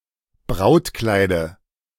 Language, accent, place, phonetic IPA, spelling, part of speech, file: German, Germany, Berlin, [ˈbʁaʊ̯tˌklaɪ̯də], Brautkleide, noun, De-Brautkleide.ogg
- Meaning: dative singular of Brautkleid